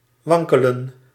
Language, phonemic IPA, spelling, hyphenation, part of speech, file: Dutch, /ˈʋɑŋ.kə.lə(n)/, wankelen, wan‧ke‧len, verb, Nl-wankelen.ogg
- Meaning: 1. to stagger 2. to waver, to wobble